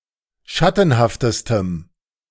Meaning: strong dative masculine/neuter singular superlative degree of schattenhaft
- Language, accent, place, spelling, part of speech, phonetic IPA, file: German, Germany, Berlin, schattenhaftestem, adjective, [ˈʃatn̩haftəstəm], De-schattenhaftestem.ogg